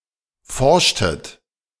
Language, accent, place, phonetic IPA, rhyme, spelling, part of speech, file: German, Germany, Berlin, [ˈfɔʁʃtət], -ɔʁʃtət, forschtet, verb, De-forschtet.ogg
- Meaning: inflection of forschen: 1. second-person plural preterite 2. second-person plural subjunctive II